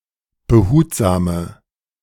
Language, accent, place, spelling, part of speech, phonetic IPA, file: German, Germany, Berlin, behutsame, adjective, [bəˈhuːtzaːmə], De-behutsame.ogg
- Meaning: inflection of behutsam: 1. strong/mixed nominative/accusative feminine singular 2. strong nominative/accusative plural 3. weak nominative all-gender singular